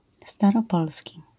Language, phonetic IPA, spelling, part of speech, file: Polish, [ˌstarɔˈpɔlsʲci], staropolski, adjective, LL-Q809 (pol)-staropolski.wav